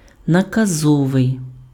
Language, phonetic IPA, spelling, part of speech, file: Ukrainian, [nɐkɐˈzɔʋei̯], наказовий, adjective, Uk-наказовий.ogg
- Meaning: imperative